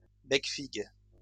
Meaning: ortolan (a small bird eaten as a delicacy)
- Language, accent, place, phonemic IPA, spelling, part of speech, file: French, France, Lyon, /bɛk.fiɡ/, becfigue, noun, LL-Q150 (fra)-becfigue.wav